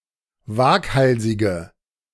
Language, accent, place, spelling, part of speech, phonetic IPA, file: German, Germany, Berlin, waghalsige, adjective, [ˈvaːkˌhalzɪɡə], De-waghalsige.ogg
- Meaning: inflection of waghalsig: 1. strong/mixed nominative/accusative feminine singular 2. strong nominative/accusative plural 3. weak nominative all-gender singular